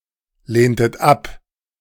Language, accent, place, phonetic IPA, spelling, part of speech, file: German, Germany, Berlin, [ˌleːntət ˈap], lehntet ab, verb, De-lehntet ab.ogg
- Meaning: inflection of ablehnen: 1. second-person plural preterite 2. second-person plural subjunctive II